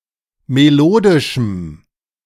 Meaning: strong dative masculine/neuter singular of melodisch
- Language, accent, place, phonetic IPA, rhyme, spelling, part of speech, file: German, Germany, Berlin, [meˈloːdɪʃm̩], -oːdɪʃm̩, melodischem, adjective, De-melodischem.ogg